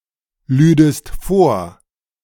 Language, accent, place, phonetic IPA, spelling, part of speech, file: German, Germany, Berlin, [ˌlyːdəst ˈfoːɐ̯], lüdest vor, verb, De-lüdest vor.ogg
- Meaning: second-person singular subjunctive II of vorladen